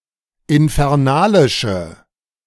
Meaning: inflection of infernalisch: 1. strong/mixed nominative/accusative feminine singular 2. strong nominative/accusative plural 3. weak nominative all-gender singular
- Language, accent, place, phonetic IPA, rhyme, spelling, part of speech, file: German, Germany, Berlin, [ɪnfɛʁˈnaːlɪʃə], -aːlɪʃə, infernalische, adjective, De-infernalische.ogg